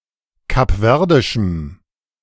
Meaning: strong dative masculine/neuter singular of kapverdisch
- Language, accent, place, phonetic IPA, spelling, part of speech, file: German, Germany, Berlin, [kapˈvɛʁdɪʃm̩], kapverdischem, adjective, De-kapverdischem.ogg